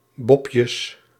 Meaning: plural of bobje
- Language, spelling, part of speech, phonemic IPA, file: Dutch, bobjes, noun, /bɔpjəs/, Nl-bobjes.ogg